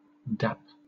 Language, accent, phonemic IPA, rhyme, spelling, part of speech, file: English, Southern England, /dæp/, -æp, dap, noun / verb, LL-Q1860 (eng)-dap.wav
- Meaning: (noun) 1. A plimsoll 2. A notch cut in one timber to receive another 3. Vulva or vagina; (verb) 1. To run or go somewhere quickly 2. To create a hollow indentation